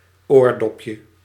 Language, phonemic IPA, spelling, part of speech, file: Dutch, /ˈordɔpjə/, oordopje, noun, Nl-oordopje.ogg
- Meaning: diminutive of oordop